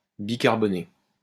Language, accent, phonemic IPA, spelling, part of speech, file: French, France, /bi.kaʁ.bɔ.ne/, bicarboné, adjective, LL-Q150 (fra)-bicarboné.wav
- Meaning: bicarbureted